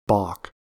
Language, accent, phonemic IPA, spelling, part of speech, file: English, US, /bɔ(l)k/, baulk, noun / verb, En-us-baulk.ogg
- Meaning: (noun) Alternative spelling of balk